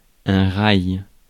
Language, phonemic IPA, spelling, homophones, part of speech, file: French, /ʁaj/, rail, raï, noun, Fr-rail.ogg
- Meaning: rail